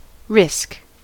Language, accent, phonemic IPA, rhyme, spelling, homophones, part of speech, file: English, US, /ɹɪsk/, -ɪsk, risk, RISC, noun / verb, En-us-risk.ogg
- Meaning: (noun) 1. The probability of a negative outcome to a decision or event 2. The magnitude of possible loss consequent to a decision or event